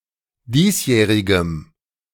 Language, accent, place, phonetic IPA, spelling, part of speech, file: German, Germany, Berlin, [ˈdiːsˌjɛːʁɪɡəm], diesjährigem, adjective, De-diesjährigem.ogg
- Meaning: strong dative masculine/neuter singular of diesjährig